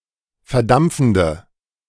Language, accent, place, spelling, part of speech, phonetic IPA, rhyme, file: German, Germany, Berlin, verdampfende, adjective, [fɛɐ̯ˈdamp͡fn̩də], -amp͡fn̩də, De-verdampfende.ogg
- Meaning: inflection of verdampfend: 1. strong/mixed nominative/accusative feminine singular 2. strong nominative/accusative plural 3. weak nominative all-gender singular